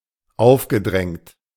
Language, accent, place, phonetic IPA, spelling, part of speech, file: German, Germany, Berlin, [ˈaʊ̯fɡəˌdʁɛŋt], aufgedrängt, verb, De-aufgedrängt.ogg
- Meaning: past participle of aufdrängen